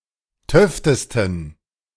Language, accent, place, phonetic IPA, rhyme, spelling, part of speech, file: German, Germany, Berlin, [ˈtœftəstn̩], -œftəstn̩, töftesten, adjective, De-töftesten.ogg
- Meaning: 1. superlative degree of töfte 2. inflection of töfte: strong genitive masculine/neuter singular superlative degree